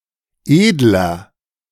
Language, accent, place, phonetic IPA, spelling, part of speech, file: German, Germany, Berlin, [ˈeːdlɐ], edler, adjective, De-edler.ogg
- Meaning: 1. comparative degree of edel 2. inflection of edel: strong/mixed nominative masculine singular 3. inflection of edel: strong genitive/dative feminine singular